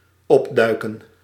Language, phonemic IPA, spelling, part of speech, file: Dutch, /ˈɔbdœykə(n)/, opduiken, verb, Nl-opduiken.ogg
- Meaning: 1. to appear, to emerge, to turn up, to show up (usually suddenly after being hidden or absent for some time) 2. to bring up, to bring to the surface 3. to unearth, to dig up